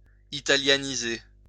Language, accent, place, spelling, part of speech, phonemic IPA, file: French, France, Lyon, italianiser, verb, /i.ta.lja.ni.ze/, LL-Q150 (fra)-italianiser.wav
- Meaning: to Italianize